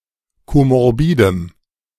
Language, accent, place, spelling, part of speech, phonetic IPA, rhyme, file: German, Germany, Berlin, komorbidem, adjective, [ˌkomɔʁˈbiːdəm], -iːdəm, De-komorbidem.ogg
- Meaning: strong dative masculine/neuter singular of komorbid